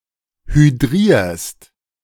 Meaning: second-person singular present of hydrieren
- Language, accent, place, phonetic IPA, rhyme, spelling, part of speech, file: German, Germany, Berlin, [hyˈdʁiːɐ̯st], -iːɐ̯st, hydrierst, verb, De-hydrierst.ogg